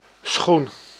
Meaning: shoe (footwear)
- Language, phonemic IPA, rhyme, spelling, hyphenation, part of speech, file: Dutch, /sxun/, -un, schoen, schoen, noun, Nl-schoen.ogg